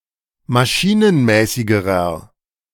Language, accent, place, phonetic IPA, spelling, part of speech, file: German, Germany, Berlin, [maˈʃiːnənˌmɛːsɪɡəʁɐ], maschinenmäßigerer, adjective, De-maschinenmäßigerer.ogg
- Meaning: inflection of maschinenmäßig: 1. strong/mixed nominative masculine singular comparative degree 2. strong genitive/dative feminine singular comparative degree